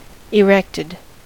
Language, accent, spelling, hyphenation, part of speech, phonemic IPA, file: English, US, erected, erect‧ed, verb / adjective, /ɪˈɹɛktɪd/, En-us-erected.ogg
- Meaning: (verb) simple past and past participle of erect; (adjective) erect